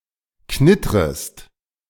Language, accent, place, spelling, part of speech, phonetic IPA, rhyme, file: German, Germany, Berlin, knittrest, verb, [ˈknɪtʁəst], -ɪtʁəst, De-knittrest.ogg
- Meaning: second-person singular subjunctive I of knittern